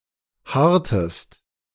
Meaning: inflection of harren: 1. second-person singular preterite 2. second-person singular subjunctive II
- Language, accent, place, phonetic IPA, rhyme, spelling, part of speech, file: German, Germany, Berlin, [ˈhaʁtəst], -aʁtəst, harrtest, verb, De-harrtest.ogg